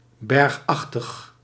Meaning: mountainous
- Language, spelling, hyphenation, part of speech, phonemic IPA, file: Dutch, bergachtig, berg‧ach‧tig, adjective, /ˈbɛrxˌɑx.təx/, Nl-bergachtig.ogg